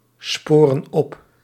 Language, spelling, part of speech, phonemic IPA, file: Dutch, sporen op, verb, /ˈsporə(n) ˈɔp/, Nl-sporen op.ogg
- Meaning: inflection of opsporen: 1. plural present indicative 2. plural present subjunctive